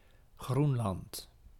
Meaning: Greenland (a large self-governing dependent territory of Denmark, in North America)
- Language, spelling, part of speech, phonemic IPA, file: Dutch, Groenland, proper noun, /ˈɣrun.lɑnt/, Nl-Groenland.ogg